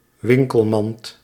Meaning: 1. shopping basket 2. shopping cart
- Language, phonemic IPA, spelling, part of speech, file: Dutch, /ˈʋɪŋ.kəlˌmɑnt/, winkelmand, noun, Nl-winkelmand.ogg